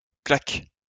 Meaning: 1. a hit; a strike 2. a clack (clacking sound)
- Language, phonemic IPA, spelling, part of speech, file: French, /klak/, clac, noun, LL-Q150 (fra)-clac.wav